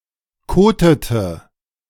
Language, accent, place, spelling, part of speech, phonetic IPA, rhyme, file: German, Germany, Berlin, kotete, verb, [ˈkoːtətə], -oːtətə, De-kotete.ogg
- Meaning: inflection of koten: 1. first/third-person singular preterite 2. first/third-person singular subjunctive II